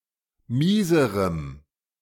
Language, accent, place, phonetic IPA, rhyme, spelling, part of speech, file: German, Germany, Berlin, [ˈmiːzəʁəm], -iːzəʁəm, mieserem, adjective, De-mieserem.ogg
- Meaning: strong dative masculine/neuter singular comparative degree of mies